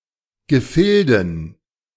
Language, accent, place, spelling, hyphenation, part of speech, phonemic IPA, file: German, Germany, Berlin, Gefilden, Ge‧fil‧den, noun, /ɡəˈfɪldn̩/, De-Gefilden.ogg
- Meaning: dative plural of Gefilde